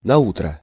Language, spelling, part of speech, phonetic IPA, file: Russian, наутро, adverb, [nɐˈutrə], Ru-наутро.ogg
- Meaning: the next morning, on the morrow